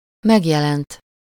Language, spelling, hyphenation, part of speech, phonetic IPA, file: Hungarian, megjelent, meg‧je‧lent, verb / noun, [ˈmɛɡjɛlɛnt], Hu-megjelent.ogg
- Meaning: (verb) 1. third-person singular indicative past indefinite of megjelenik 2. past participle of megjelenik: published 3. past participle of megjelenik: present (somewhere)